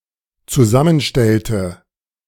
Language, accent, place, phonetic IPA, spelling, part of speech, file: German, Germany, Berlin, [t͡suˈzamənˌʃtɛltə], zusammenstellte, verb, De-zusammenstellte.ogg
- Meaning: inflection of zusammenstellen: 1. first/third-person singular dependent preterite 2. first/third-person singular dependent subjunctive II